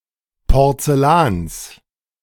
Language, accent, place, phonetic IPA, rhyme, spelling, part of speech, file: German, Germany, Berlin, [pɔʁt͡sɛˈlaːns], -aːns, Porzellans, noun, De-Porzellans.ogg
- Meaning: genitive singular of Porzellan